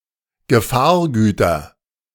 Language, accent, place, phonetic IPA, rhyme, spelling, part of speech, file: German, Germany, Berlin, [ɡəˈfaːɐ̯ˌɡyːtɐ], -aːɐ̯ɡyːtɐ, Gefahrgüter, noun, De-Gefahrgüter.ogg
- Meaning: nominative/accusative/genitive plural of Gefahrgut